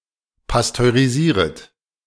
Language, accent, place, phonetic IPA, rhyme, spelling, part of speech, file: German, Germany, Berlin, [pastøʁiˈziːʁət], -iːʁət, pasteurisieret, verb, De-pasteurisieret.ogg
- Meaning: second-person plural subjunctive I of pasteurisieren